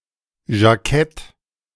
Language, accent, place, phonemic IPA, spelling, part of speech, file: German, Germany, Berlin, /ʒaˈkɛt/, Jackett, noun, De-Jackett.ogg
- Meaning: jacket